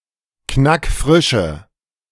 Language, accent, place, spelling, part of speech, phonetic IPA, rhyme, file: German, Germany, Berlin, knackfrische, adjective, [ˈknakˈfʁɪʃə], -ɪʃə, De-knackfrische.ogg
- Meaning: inflection of knackfrisch: 1. strong/mixed nominative/accusative feminine singular 2. strong nominative/accusative plural 3. weak nominative all-gender singular